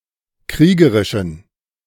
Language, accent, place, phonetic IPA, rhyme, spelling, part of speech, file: German, Germany, Berlin, [ˈkʁiːɡəʁɪʃn̩], -iːɡəʁɪʃn̩, kriegerischen, adjective, De-kriegerischen.ogg
- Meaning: inflection of kriegerisch: 1. strong genitive masculine/neuter singular 2. weak/mixed genitive/dative all-gender singular 3. strong/weak/mixed accusative masculine singular 4. strong dative plural